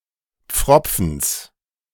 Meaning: genitive singular of Pfropfen
- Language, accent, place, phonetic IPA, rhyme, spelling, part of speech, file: German, Germany, Berlin, [ˈp͡fʁɔp͡fn̩s], -ɔp͡fn̩s, Pfropfens, noun, De-Pfropfens.ogg